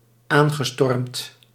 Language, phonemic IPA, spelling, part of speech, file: Dutch, /ˈaŋɣəˌstɔrᵊmt/, aangestormd, verb, Nl-aangestormd.ogg
- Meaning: past participle of aanstormen